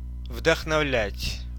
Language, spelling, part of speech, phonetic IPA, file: Russian, вдохновлять, verb, [vdəxnɐˈvlʲætʲ], Ru-вдохновлять.ogg
- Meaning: to inspire, to mastermind